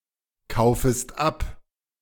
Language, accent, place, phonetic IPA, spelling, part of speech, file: German, Germany, Berlin, [ˌkaʊ̯fəst ˈap], kaufest ab, verb, De-kaufest ab.ogg
- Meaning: second-person singular subjunctive I of abkaufen